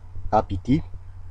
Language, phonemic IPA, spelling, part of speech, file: Malagasy, /abidʲ/, abidy, noun, Mg-abidy.ogg
- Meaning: 1. alphabet 2. old woman 3. slave 4. a species of waterbird